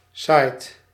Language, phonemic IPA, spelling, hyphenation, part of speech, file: Dutch, /sɑi̯t/, site, site, noun, Nl-site.ogg
- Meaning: 1. web site 2. archaeological site 3. construction site